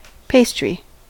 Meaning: 1. A baked food item made from flour and fat pastes such as pie crust; also tarts, bear claws, napoleons, puff pastries, etc 2. The food group formed by the various kinds of pastries
- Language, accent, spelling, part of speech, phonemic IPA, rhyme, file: English, US, pastry, noun, /ˈpeɪstɹi/, -eɪstɹi, En-us-pastry.ogg